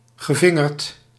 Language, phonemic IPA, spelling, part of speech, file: Dutch, /ɣəˈvɪŋərt/, gevingerd, verb / adjective, Nl-gevingerd.ogg
- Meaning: past participle of vingeren